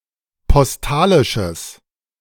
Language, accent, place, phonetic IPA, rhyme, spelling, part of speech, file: German, Germany, Berlin, [pɔsˈtaːlɪʃəs], -aːlɪʃəs, postalisches, adjective, De-postalisches.ogg
- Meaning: strong/mixed nominative/accusative neuter singular of postalisch